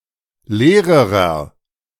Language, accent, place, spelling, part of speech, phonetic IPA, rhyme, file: German, Germany, Berlin, leererer, adjective, [ˈleːʁəʁɐ], -eːʁəʁɐ, De-leererer.ogg
- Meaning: inflection of leer: 1. strong/mixed nominative masculine singular comparative degree 2. strong genitive/dative feminine singular comparative degree 3. strong genitive plural comparative degree